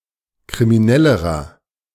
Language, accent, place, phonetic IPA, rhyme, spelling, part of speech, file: German, Germany, Berlin, [kʁimiˈnɛləʁɐ], -ɛləʁɐ, kriminellerer, adjective, De-kriminellerer.ogg
- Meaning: inflection of kriminell: 1. strong/mixed nominative masculine singular comparative degree 2. strong genitive/dative feminine singular comparative degree 3. strong genitive plural comparative degree